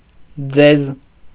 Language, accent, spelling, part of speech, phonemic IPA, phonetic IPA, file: Armenian, Eastern Armenian, ձեզ, pronoun, /d͡zez/, [d͡zez], Hy-ձեզ.ogg
- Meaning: you (objective form, plural)